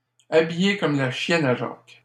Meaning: Dressed very poorly and with little fashion sense, especially if wearing old clothes
- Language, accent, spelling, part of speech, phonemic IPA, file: French, Canada, habillé comme la chienne à Jacques, adjective, /a.bi.je kɔm la ʃjɛn a ʒɑːk/, LL-Q150 (fra)-habillé comme la chienne à Jacques.wav